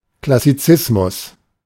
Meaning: 1. a neoclassical style in architecture, neoclassical architecture 2. classicism (in art) 3. clipping of Neoklassizismus (“neoclassicism”)
- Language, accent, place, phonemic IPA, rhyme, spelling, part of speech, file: German, Germany, Berlin, /klasiˈt͡sɪsmʊs/, -ɪsmʊs, Klassizismus, noun, De-Klassizismus.ogg